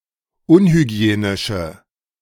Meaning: inflection of unhygienisch: 1. strong/mixed nominative/accusative feminine singular 2. strong nominative/accusative plural 3. weak nominative all-gender singular
- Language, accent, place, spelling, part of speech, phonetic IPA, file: German, Germany, Berlin, unhygienische, adjective, [ˈʊnhyˌɡi̯eːnɪʃə], De-unhygienische.ogg